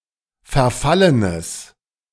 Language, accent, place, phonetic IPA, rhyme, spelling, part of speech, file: German, Germany, Berlin, [fɛɐ̯ˈfalənəs], -alənəs, verfallenes, adjective, De-verfallenes.ogg
- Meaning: strong/mixed nominative/accusative neuter singular of verfallen